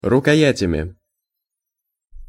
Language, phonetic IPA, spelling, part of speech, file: Russian, [rʊkɐˈjætʲəmʲɪ], рукоятями, noun, Ru-рукоятями.ogg
- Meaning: instrumental plural of рукоя́ть (rukojátʹ)